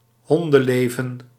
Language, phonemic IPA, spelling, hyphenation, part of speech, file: Dutch, /ˈɦɔn.də(n)ˌleː.və(n)/, hondenleven, hon‧den‧le‧ven, noun, Nl-hondenleven.ogg
- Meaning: a dog's life, a miserable life